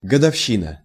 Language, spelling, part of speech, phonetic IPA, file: Russian, годовщина, noun, [ɡədɐfˈɕːinə], Ru-годовщина.ogg
- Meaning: anniversary